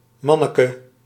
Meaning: diminutive of man
- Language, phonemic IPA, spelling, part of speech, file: Dutch, /ˈmɑnəkə/, manneke, noun, Nl-manneke.ogg